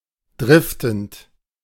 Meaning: present participle of driften
- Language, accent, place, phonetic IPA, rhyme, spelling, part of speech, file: German, Germany, Berlin, [ˈdʁɪftn̩t], -ɪftn̩t, driftend, verb, De-driftend.ogg